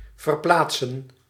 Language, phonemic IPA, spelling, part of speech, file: Dutch, /vərˈplaːt.sə(n)/, verplaatsen, verb, Nl-verplaatsen.ogg
- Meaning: 1. to move, transfer – from one place (A) to another (B) 2. to remove